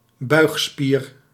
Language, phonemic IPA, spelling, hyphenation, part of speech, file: Dutch, /ˈbœy̯x.spiːr/, buigspier, buig‧spier, noun, Nl-buigspier.ogg
- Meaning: flexor